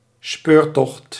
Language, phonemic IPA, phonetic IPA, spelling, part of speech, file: Dutch, /ˈspøːrˌtɔxt/, [ˈspʏːrˌtɔxt], speurtocht, noun, Nl-speurtocht.ogg
- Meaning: search, quest, hunt